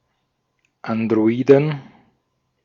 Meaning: 1. genitive singular of Android 2. plural of Android
- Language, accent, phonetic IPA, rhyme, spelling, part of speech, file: German, Austria, [andʁoˈiːdn̩], -iːdn̩, Androiden, noun, De-at-Androiden.ogg